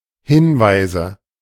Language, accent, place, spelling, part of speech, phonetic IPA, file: German, Germany, Berlin, Hinweise, noun, [ˈhɪnvaɪ̯zə], De-Hinweise.ogg
- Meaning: nominative/accusative/genitive plural of Hinweis